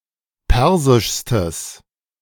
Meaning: strong/mixed nominative/accusative neuter singular superlative degree of persisch
- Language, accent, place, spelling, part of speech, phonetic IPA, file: German, Germany, Berlin, persischstes, adjective, [ˈpɛʁzɪʃstəs], De-persischstes.ogg